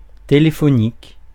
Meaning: telephone
- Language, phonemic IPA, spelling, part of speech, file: French, /te.le.fɔ.nik/, téléphonique, adjective, Fr-téléphonique.ogg